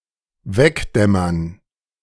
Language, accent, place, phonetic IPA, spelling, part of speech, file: German, Germany, Berlin, [ˈvɛkˌdɛmɐn], wegdämmern, verb, De-wegdämmern.ogg
- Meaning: to doze off